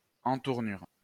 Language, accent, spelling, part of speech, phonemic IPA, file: French, France, entournure, noun, /ɑ̃.tuʁ.nyʁ/, LL-Q150 (fra)-entournure.wav
- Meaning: armhole